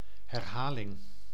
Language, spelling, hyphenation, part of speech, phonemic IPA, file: Dutch, herhaling, her‧ha‧ling, noun, /ˌɦɛrˈɦaː.lɪŋ/, Nl-herhaling.ogg
- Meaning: 1. repetition 2. repeat, rerun